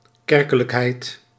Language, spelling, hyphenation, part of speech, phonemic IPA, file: Dutch, kerkelijkheid, ker‧ke‧lijk‧heid, noun, /ˈkɛr.kə.ləkˌɦɛi̯t/, Nl-kerkelijkheid.ogg
- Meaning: the proportion of a population that maintains a confessional affiliation with a denomination